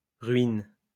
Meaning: second-person singular present indicative/subjunctive of ruiner
- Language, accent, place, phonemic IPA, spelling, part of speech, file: French, France, Lyon, /ʁɥin/, ruines, verb, LL-Q150 (fra)-ruines.wav